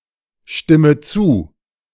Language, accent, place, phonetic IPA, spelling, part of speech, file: German, Germany, Berlin, [ˌʃtɪmə ˈt͡suː], stimme zu, verb, De-stimme zu.ogg
- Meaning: inflection of zustimmen: 1. first-person singular present 2. first/third-person singular subjunctive I 3. singular imperative